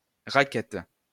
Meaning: 1. racquet / racket (for tennis, badminton, etc.) 2. ellipsis of raquette à neige (“snowshoe”) 3. an ellipsoid flight feather barbed distally from the rachis 4. prickly pear (cactus) (Opuntia)
- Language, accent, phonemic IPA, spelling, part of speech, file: French, France, /ʁa.kɛt/, raquette, noun, LL-Q150 (fra)-raquette.wav